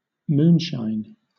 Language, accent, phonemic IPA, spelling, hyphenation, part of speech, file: English, Southern England, /ˈmuːnʃaɪn/, moonshine, moon‧shine, noun / verb, LL-Q1860 (eng)-moonshine.wav
- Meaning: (noun) 1. The light of the moon 2. The light of the moon.: The light reflected off Earth's Moon 3. The light of the moon.: The light reflected off a moon